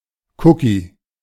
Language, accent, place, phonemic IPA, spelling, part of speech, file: German, Germany, Berlin, /ˈkʊki/, Cookie, noun, De-Cookie.ogg
- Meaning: 1. cookie, HTTP cookie 2. cookie